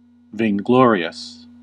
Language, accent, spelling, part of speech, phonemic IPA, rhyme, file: English, US, vainglorious, adjective, /ˌveɪnˈɡlɔː.ɹi.əs/, -ɔːɹiəs, En-us-vainglorious.ogg
- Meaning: Possessing excessive vanity or unwarranted pride